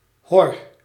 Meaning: insect screen
- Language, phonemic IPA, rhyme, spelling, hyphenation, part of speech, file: Dutch, /ɦɔr/, -ɔr, hor, hor, noun, Nl-hor.ogg